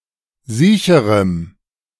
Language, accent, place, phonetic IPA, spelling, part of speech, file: German, Germany, Berlin, [ˈziːçəʁəm], siecherem, adjective, De-siecherem.ogg
- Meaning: strong dative masculine/neuter singular comparative degree of siech